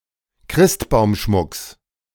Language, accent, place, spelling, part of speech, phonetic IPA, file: German, Germany, Berlin, Christbaumschmucks, noun, [ˈkʁɪstbaʊ̯mˌʃmʊks], De-Christbaumschmucks.ogg
- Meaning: genitive singular of Christbaumschmuck